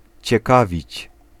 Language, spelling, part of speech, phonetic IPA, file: Polish, ciekawić, verb, [t͡ɕɛˈkavʲit͡ɕ], Pl-ciekawić.ogg